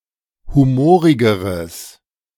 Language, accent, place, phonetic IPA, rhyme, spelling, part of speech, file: German, Germany, Berlin, [ˌhuˈmoːʁɪɡəʁəs], -oːʁɪɡəʁəs, humorigeres, adjective, De-humorigeres.ogg
- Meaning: strong/mixed nominative/accusative neuter singular comparative degree of humorig